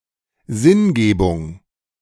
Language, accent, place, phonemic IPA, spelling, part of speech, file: German, Germany, Berlin, /ˈzɪnˌɡeːbʊŋ/, Sinngebung, noun, De-Sinngebung.ogg
- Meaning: search for or construal of meaning, meaning-making